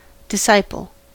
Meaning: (noun) 1. A person who learns from another, especially one who then teaches others 2. An active follower or adherent of someone, or some philosophy etc 3. A wretched, miserable-looking man
- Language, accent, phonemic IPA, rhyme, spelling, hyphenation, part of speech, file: English, US, /dɪˈsaɪ.pəl/, -aɪpəl, disciple, dis‧ci‧ple, noun / verb, En-us-disciple.ogg